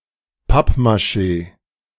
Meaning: papier-mâché
- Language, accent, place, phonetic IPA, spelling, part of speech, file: German, Germany, Berlin, [ˈpapmaˌʃeː], Pappmaschee, noun, De-Pappmaschee.ogg